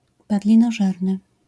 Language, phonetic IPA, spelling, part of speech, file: Polish, [ˌpadlʲĩnɔˈʒɛrnɨ], padlinożerny, adjective, LL-Q809 (pol)-padlinożerny.wav